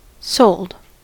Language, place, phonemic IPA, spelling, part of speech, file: English, California, /soʊld/, sold, verb / adjective / noun, En-us-sold.ogg
- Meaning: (verb) simple past and past participle of sell; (adjective) Convinced, won over; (noun) salary; military pay